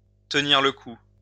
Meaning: 1. to withstand the weather 2. to hang tough, to tough it out; to stick it out, to weather the storm
- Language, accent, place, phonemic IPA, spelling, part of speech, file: French, France, Lyon, /tə.niʁ lə ku/, tenir le coup, verb, LL-Q150 (fra)-tenir le coup.wav